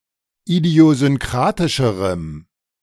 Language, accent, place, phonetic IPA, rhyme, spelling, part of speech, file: German, Germany, Berlin, [idi̯ozʏnˈkʁaːtɪʃəʁəm], -aːtɪʃəʁəm, idiosynkratischerem, adjective, De-idiosynkratischerem.ogg
- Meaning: strong dative masculine/neuter singular comparative degree of idiosynkratisch